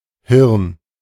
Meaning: 1. brain (organ) 2. brain (meat)
- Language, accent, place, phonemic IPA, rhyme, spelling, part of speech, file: German, Germany, Berlin, /hɪʁn/, -ɪʁn, Hirn, noun, De-Hirn.ogg